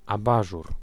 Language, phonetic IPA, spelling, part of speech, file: Polish, [aˈbaʒur], abażur, noun, Pl-abażur.ogg